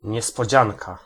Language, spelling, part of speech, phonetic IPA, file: Polish, niespodzianka, noun, [ˌɲɛspɔˈd͡ʑãŋka], Pl-niespodzianka.ogg